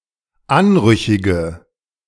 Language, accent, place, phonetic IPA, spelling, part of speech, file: German, Germany, Berlin, [ˈanˌʁʏçɪɡə], anrüchige, adjective, De-anrüchige.ogg
- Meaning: inflection of anrüchig: 1. strong/mixed nominative/accusative feminine singular 2. strong nominative/accusative plural 3. weak nominative all-gender singular